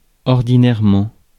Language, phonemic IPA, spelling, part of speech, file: French, /ɔʁ.di.nɛʁ.mɑ̃/, ordinairement, adverb, Fr-ordinairement.ogg
- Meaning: ordinarily; normally